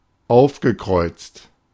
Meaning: past participle of aufkreuzen
- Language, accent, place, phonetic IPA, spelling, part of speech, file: German, Germany, Berlin, [ˈaʊ̯fɡəˌkʁɔɪ̯t͡st], aufgekreuzt, verb, De-aufgekreuzt.ogg